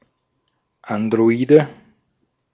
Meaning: android
- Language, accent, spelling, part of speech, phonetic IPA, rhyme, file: German, Austria, Androide, noun, [ˌandʁoˈiːdə], -iːdə, De-at-Androide.ogg